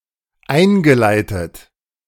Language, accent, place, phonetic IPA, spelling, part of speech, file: German, Germany, Berlin, [ˈaɪ̯nɡəˌlaɪ̯tət], eingeleitet, verb, De-eingeleitet.ogg
- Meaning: past participle of einleiten